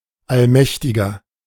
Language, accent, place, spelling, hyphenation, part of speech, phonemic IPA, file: German, Germany, Berlin, Allmächtiger, All‧mäch‧ti‧ger, proper noun, /alˈmɛçtɪɡɐ/, De-Allmächtiger.ogg
- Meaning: Almighty